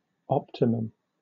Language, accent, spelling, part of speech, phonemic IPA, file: English, Southern England, optimum, noun / adjective, /ˈɒptɪməm/, LL-Q1860 (eng)-optimum.wav
- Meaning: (noun) The best or most favorable condition, or the greatest amount or degree possible under specific sets of comparable circumstances